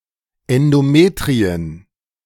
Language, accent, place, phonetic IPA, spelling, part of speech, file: German, Germany, Berlin, [ɛndoˈmeːtʁiən], Endometrien, noun, De-Endometrien.ogg
- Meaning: plural of Endometrium